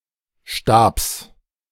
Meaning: genitive singular of Stab
- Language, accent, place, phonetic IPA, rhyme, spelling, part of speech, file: German, Germany, Berlin, [ʃtaːps], -aːps, Stabs, noun, De-Stabs.ogg